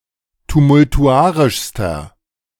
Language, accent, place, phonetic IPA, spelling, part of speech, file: German, Germany, Berlin, [tumʊltuˈʔaʁɪʃstɐ], tumultuarischster, adjective, De-tumultuarischster.ogg
- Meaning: inflection of tumultuarisch: 1. strong/mixed nominative masculine singular superlative degree 2. strong genitive/dative feminine singular superlative degree